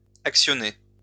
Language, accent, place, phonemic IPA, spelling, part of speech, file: French, France, Lyon, /ak.sjɔ.ne/, actionné, verb, LL-Q150 (fra)-actionné.wav
- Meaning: past participle of actionner